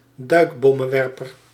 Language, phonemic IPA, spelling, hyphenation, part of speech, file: Dutch, /ˈdœy̯k.bɔ.mə(n)ˌʋɛr.pər/, duikbommenwerper, duik‧bom‧men‧wer‧per, noun, Nl-duikbommenwerper.ogg
- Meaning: dive bomber